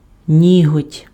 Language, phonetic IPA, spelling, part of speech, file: Ukrainian, [ˈnʲiɦɔtʲ], ніготь, noun, Uk-ніготь.ogg
- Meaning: nail (fingernail or toenail)